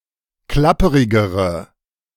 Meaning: inflection of klapperig: 1. strong/mixed nominative/accusative feminine singular comparative degree 2. strong nominative/accusative plural comparative degree
- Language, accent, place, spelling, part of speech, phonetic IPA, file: German, Germany, Berlin, klapperigere, adjective, [ˈklapəʁɪɡəʁə], De-klapperigere.ogg